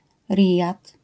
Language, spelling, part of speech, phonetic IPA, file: Polish, Rijad, proper noun, [ˈrʲijat], LL-Q809 (pol)-Rijad.wav